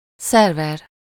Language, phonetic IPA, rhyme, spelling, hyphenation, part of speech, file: Hungarian, [ˈsɛrvɛr], -ɛr, szerver, szer‧ver, noun, Hu-szerver.ogg
- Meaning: server